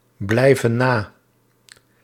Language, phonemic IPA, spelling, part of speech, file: Dutch, /ˈblɛivə(n) ˈna/, blijven na, verb, Nl-blijven na.ogg
- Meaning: inflection of nablijven: 1. plural present indicative 2. plural present subjunctive